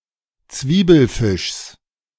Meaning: genitive singular of Zwiebelfisch
- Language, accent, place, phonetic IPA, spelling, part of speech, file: German, Germany, Berlin, [ˈt͡sviːbl̩ˌfɪʃs], Zwiebelfischs, noun, De-Zwiebelfischs.ogg